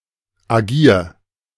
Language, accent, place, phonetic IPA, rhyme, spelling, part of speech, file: German, Germany, Berlin, [aˈɡiːɐ̯], -iːɐ̯, agier, verb, De-agier.ogg
- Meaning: 1. singular imperative of agieren 2. first-person singular present of agieren